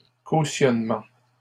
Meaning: 1. suretyship 2. security deposit (action)
- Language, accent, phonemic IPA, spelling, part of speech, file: French, Canada, /ko.sjɔn.mɑ̃/, cautionnement, noun, LL-Q150 (fra)-cautionnement.wav